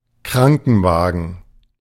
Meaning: ambulance, ambulance car, ambulance van
- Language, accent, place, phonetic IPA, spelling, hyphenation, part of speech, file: German, Germany, Berlin, [ˈkʁaŋkn̩ˌvaːɡn̩], Krankenwagen, Kran‧ken‧wa‧gen, noun, De-Krankenwagen.ogg